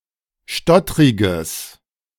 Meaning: strong/mixed nominative/accusative neuter singular of stottrig
- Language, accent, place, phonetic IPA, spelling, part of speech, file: German, Germany, Berlin, [ˈʃtɔtʁɪɡəs], stottriges, adjective, De-stottriges.ogg